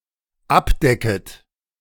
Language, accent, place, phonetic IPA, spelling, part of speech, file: German, Germany, Berlin, [ˈapˌdɛkət], abdecket, verb, De-abdecket.ogg
- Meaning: second-person plural dependent subjunctive I of abdecken